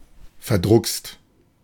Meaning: shy, insecure, inhibited
- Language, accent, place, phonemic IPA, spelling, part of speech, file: German, Germany, Berlin, /fɛɐ̯ˈdʁʊkst/, verdruckst, adjective, De-verdruckst.ogg